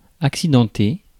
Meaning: 1. eventful (story) 2. uneven (terrain) 3. damaged or injured (in an accident)
- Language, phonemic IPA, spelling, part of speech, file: French, /ak.si.dɑ̃.te/, accidenté, adjective, Fr-accidenté.ogg